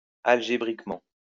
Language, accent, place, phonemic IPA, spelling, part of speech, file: French, France, Lyon, /al.ʒe.bʁik.mɑ̃/, algébriquement, adverb, LL-Q150 (fra)-algébriquement.wav
- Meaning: algebraically